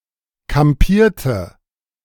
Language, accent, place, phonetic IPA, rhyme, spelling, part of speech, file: German, Germany, Berlin, [kamˈpiːɐ̯tə], -iːɐ̯tə, kampierte, verb, De-kampierte.ogg
- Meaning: inflection of kampieren: 1. first/third-person singular preterite 2. first/third-person singular subjunctive II